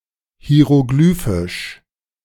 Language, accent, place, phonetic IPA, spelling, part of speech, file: German, Germany, Berlin, [hi̯eʁoˈɡlyːfɪʃ], hieroglyphisch, adjective, De-hieroglyphisch.ogg
- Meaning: hieroglyphic